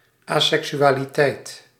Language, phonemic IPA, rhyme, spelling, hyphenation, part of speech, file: Dutch, /aː.sɛk.sy.aː.liˈtɛi̯t/, -ɛi̯t, aseksualiteit, asek‧su‧a‧li‧teit, noun, Nl-aseksualiteit.ogg
- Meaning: 1. asexuality (state of not experiencing sexual attraction) 2. asexuality (state of not having sex, sexes or sexual organs)